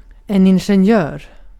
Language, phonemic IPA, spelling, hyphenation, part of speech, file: Swedish, /ɪn.ɧɛnˈjøːr/, ingenjör, in‧gen‧jör, noun, Sv-ingenjör.ogg
- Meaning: engineer